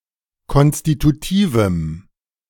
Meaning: strong dative masculine/neuter singular of konstitutiv
- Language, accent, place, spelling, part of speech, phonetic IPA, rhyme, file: German, Germany, Berlin, konstitutivem, adjective, [ˌkɔnstituˈtiːvm̩], -iːvm̩, De-konstitutivem.ogg